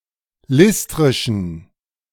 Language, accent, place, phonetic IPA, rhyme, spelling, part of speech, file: German, Germany, Berlin, [ˈlɪstʁɪʃn̩], -ɪstʁɪʃn̩, listrischen, adjective, De-listrischen.ogg
- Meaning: inflection of listrisch: 1. strong genitive masculine/neuter singular 2. weak/mixed genitive/dative all-gender singular 3. strong/weak/mixed accusative masculine singular 4. strong dative plural